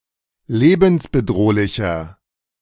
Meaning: 1. comparative degree of lebensbedrohlich 2. inflection of lebensbedrohlich: strong/mixed nominative masculine singular 3. inflection of lebensbedrohlich: strong genitive/dative feminine singular
- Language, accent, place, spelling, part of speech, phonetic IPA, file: German, Germany, Berlin, lebensbedrohlicher, adjective, [ˈleːbn̩sbəˌdʁoːlɪçɐ], De-lebensbedrohlicher.ogg